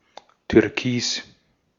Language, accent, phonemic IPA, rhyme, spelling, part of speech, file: German, Austria, /tʏʁˈkiːs/, -iːs, türkis, adjective, De-at-türkis.ogg
- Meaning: turquoise (colour)